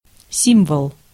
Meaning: 1. symbol 2. character, glyph
- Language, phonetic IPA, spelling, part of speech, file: Russian, [ˈsʲimvəɫ], символ, noun, Ru-символ.ogg